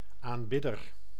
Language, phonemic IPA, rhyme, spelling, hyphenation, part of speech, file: Dutch, /ˌaːnˈbɪ.dər/, -ɪdər, aanbidder, aan‧bid‧der, noun, Nl-aanbidder.ogg
- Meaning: 1. worshipper 2. admirer